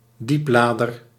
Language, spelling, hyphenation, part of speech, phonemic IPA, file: Dutch, dieplader, diep‧la‧der, noun, /ˈdipˌlaː.dər/, Nl-dieplader.ogg
- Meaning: lowboy semi-trailer, low loader